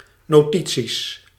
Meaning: plural of notitie
- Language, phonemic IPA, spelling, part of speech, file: Dutch, /noˈti(t)sis/, notities, noun, Nl-notities.ogg